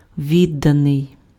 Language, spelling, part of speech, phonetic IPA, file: Ukrainian, відданий, verb / adjective, [ˈʋʲidːɐnei̯], Uk-відданий.ogg
- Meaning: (verb) passive adjectival past participle of відда́ти (viddáty); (adjective) devoted, dedicated, loyal, faithful